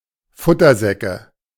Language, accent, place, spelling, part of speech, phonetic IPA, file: German, Germany, Berlin, Futtersäcke, noun, [ˈfʊtɐˌzɛkə], De-Futtersäcke.ogg
- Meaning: nominative/accusative/genitive plural of Futtersack